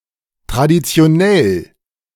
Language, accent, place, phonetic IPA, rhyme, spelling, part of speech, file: German, Germany, Berlin, [tʁaditsi̯oˈnɛl], -ɛl, traditionell, adjective, De-traditionell.ogg
- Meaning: traditional